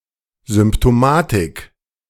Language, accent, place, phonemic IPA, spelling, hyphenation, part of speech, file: German, Germany, Berlin, /zʏmptoˈmaːtɪk/, Symptomatik, Sym‧p‧to‧ma‧tik, noun, De-Symptomatik.ogg
- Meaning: symptomatology